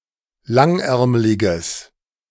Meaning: strong/mixed nominative/accusative neuter singular of langärmlig
- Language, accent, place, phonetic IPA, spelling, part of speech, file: German, Germany, Berlin, [ˈlaŋˌʔɛʁmlɪɡəs], langärmliges, adjective, De-langärmliges.ogg